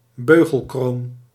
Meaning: hoop crown
- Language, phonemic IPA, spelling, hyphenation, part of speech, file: Dutch, /ˈbøː.ɣəlˌkroːn/, beugelkroon, beu‧gel‧kroon, noun, Nl-beugelkroon.ogg